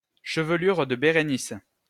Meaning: Coma Berenices
- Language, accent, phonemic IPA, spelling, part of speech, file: French, France, /ʃə.v(ə).lyʁ də be.ʁe.nis/, Chevelure de Bérénice, proper noun, LL-Q150 (fra)-Chevelure de Bérénice.wav